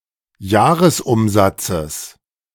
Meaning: genitive singular of Jahresumsatz
- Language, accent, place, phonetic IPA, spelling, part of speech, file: German, Germany, Berlin, [ˈjaːʁəsˌʔʊmzat͡səs], Jahresumsatzes, noun, De-Jahresumsatzes.ogg